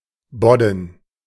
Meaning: shallow bay
- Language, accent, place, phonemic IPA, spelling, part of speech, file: German, Germany, Berlin, /ˈbɔdən/, Bodden, noun, De-Bodden.ogg